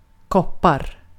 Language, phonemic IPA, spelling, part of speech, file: Swedish, /ˈkɔˌpar/, koppar, noun / verb, Sv-koppar.ogg
- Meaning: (noun) 1. copper (reddish-brown metal) 2. indefinite plural of kopp; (verb) present indicative of koppa